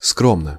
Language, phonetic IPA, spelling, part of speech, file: Russian, [ˈskromnə], скромно, adverb / adjective, Ru-скромно.ogg
- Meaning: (adverb) 1. decently, modestly, discreetly 2. humbly 3. moderately, slightly; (adjective) short neuter singular of скро́мный (skrómnyj)